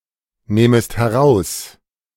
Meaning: second-person singular subjunctive I of herausnehmen
- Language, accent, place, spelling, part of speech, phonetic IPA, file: German, Germany, Berlin, nehmest heraus, verb, [ˌneːməst hɛˈʁaʊ̯s], De-nehmest heraus.ogg